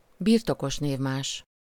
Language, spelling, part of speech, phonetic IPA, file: Hungarian, birtokos névmás, noun, [ˈbirtokoʃneːvmaːʃ], Hu-birtokos névmás.ogg
- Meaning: possessive pronoun